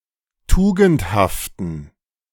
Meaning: inflection of tugendhaft: 1. strong genitive masculine/neuter singular 2. weak/mixed genitive/dative all-gender singular 3. strong/weak/mixed accusative masculine singular 4. strong dative plural
- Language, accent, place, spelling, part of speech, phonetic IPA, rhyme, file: German, Germany, Berlin, tugendhaften, adjective, [ˈtuːɡn̩thaftn̩], -uːɡn̩thaftn̩, De-tugendhaften.ogg